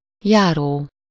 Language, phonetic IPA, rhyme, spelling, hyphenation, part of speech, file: Hungarian, [ˈjaːroː], -roː, járó, já‧ró, verb / adjective / noun, Hu-járó.ogg
- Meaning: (verb) present participle of jár; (adjective) 1. going, walking, moving 2. due to 3. consequent upon something, inherent in something; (noun) person who is walking